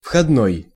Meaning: entrance
- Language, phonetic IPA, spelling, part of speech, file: Russian, [fxɐdˈnoj], входной, adjective, Ru-входной.ogg